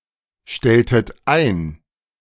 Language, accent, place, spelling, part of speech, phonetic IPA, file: German, Germany, Berlin, stelltet ein, verb, [ˌʃtɛltət ˈaɪ̯n], De-stelltet ein.ogg
- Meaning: inflection of einstellen: 1. second-person plural preterite 2. second-person plural subjunctive II